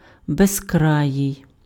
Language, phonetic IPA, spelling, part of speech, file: Ukrainian, [bezˈkrajii̯], безкраїй, adjective, Uk-безкраїй.ogg
- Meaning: boundless, unlimited, endless, infinite